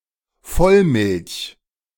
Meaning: whole milk (full-cream or unskimmed milk)
- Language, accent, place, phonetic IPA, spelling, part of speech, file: German, Germany, Berlin, [ˈfɔlˌmɪlç], Vollmilch, noun, De-Vollmilch.ogg